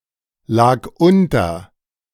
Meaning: first/third-person singular preterite of unterliegen
- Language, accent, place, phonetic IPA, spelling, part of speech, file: German, Germany, Berlin, [ˌlaːk ˈʔʊntɐ], lag unter, verb, De-lag unter.ogg